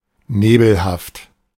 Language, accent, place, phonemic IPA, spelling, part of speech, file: German, Germany, Berlin, /ˈneːbl̩haft/, nebelhaft, adjective, De-nebelhaft.ogg
- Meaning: 1. nebulous, obscure 2. foggy 3. vague